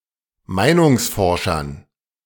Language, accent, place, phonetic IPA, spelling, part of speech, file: German, Germany, Berlin, [ˈmaɪ̯nʊŋsˌfɔʁʃɐn], Meinungsforschern, noun, De-Meinungsforschern.ogg
- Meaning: dative plural of Meinungsforscher